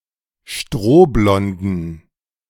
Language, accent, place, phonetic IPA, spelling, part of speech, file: German, Germany, Berlin, [ˈʃtʁoːˌblɔndn̩], strohblonden, adjective, De-strohblonden.ogg
- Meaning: inflection of strohblond: 1. strong genitive masculine/neuter singular 2. weak/mixed genitive/dative all-gender singular 3. strong/weak/mixed accusative masculine singular 4. strong dative plural